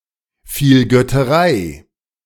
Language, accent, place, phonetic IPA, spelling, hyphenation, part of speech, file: German, Germany, Berlin, [ˌfiːlɡœtəˈʁaɪ̯], Vielgötterei, Viel‧göt‧te‧rei, noun, De-Vielgötterei.ogg
- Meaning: polytheism